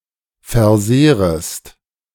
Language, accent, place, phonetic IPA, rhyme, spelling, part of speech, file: German, Germany, Berlin, [fɛɐ̯ˈzeːʁəst], -eːʁəst, versehrest, verb, De-versehrest.ogg
- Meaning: second-person singular subjunctive I of versehren